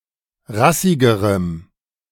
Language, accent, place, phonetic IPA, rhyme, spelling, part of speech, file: German, Germany, Berlin, [ˈʁasɪɡəʁəm], -asɪɡəʁəm, rassigerem, adjective, De-rassigerem.ogg
- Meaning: strong dative masculine/neuter singular comparative degree of rassig